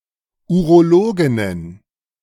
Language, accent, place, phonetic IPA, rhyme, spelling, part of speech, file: German, Germany, Berlin, [uʁoˈloːɡɪnən], -oːɡɪnən, Urologinnen, noun, De-Urologinnen.ogg
- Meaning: plural of Urologin